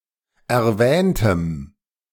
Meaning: strong dative masculine/neuter singular of erwähnt
- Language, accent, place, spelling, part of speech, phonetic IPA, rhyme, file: German, Germany, Berlin, erwähntem, adjective, [ɛɐ̯ˈvɛːntəm], -ɛːntəm, De-erwähntem.ogg